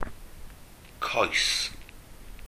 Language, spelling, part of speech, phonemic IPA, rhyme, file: Welsh, coes, noun, /koːɨ̯s/, -oːɨ̯s, Cy-coes.ogg
- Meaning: 1. leg, shank 2. leg (of table, chair, etc.), handle, haft or helve (of brush, axe, hammer, scythe, spade, broom, etc.); stem of pipe 3. stalk, stem, pedicle